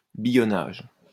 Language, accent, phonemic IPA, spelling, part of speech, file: French, France, /bi.jɔ.naʒ/, billonnage, noun, LL-Q150 (fra)-billonnage.wav
- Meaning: 1. ridging (in fields, etc.) 2. counterfeiting coinage